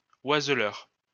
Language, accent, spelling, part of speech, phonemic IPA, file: French, France, oiseleur, noun, /waz.lœʁ/, LL-Q150 (fra)-oiseleur.wav
- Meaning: fowler, birdcatcher